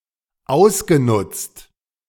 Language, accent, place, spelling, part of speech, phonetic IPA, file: German, Germany, Berlin, ausgenutzt, verb, [ˈaʊ̯sɡəˌnʊt͡st], De-ausgenutzt.ogg
- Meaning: past participle of ausnutzen - exploited, utilized